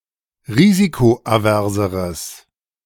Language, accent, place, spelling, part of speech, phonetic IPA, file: German, Germany, Berlin, risikoaverseres, adjective, [ˈʁiːzikoʔaˌvɛʁzəʁəs], De-risikoaverseres.ogg
- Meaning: strong/mixed nominative/accusative neuter singular comparative degree of risikoavers